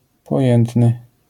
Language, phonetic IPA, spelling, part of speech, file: Polish, [pɔˈjɛ̃ntnɨ], pojętny, adjective, LL-Q809 (pol)-pojętny.wav